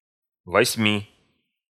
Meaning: genitive/dative/prepositional of во́семь (vósemʹ)
- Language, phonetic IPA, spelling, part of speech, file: Russian, [vɐsʲˈmʲi], восьми, numeral, Ru-восьми.ogg